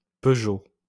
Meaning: 1. a surname, particularly that of the dynastic car-manufacturing family 2. a French motorcar manufacturer
- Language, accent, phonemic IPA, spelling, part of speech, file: French, France, /pø.ʒo/, Peugeot, proper noun, LL-Q150 (fra)-Peugeot.wav